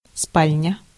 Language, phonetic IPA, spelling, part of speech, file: Russian, [ˈspalʲnʲə], спальня, noun, Ru-спальня.ogg
- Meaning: 1. bedroom 2. suite of furniture for a bedroom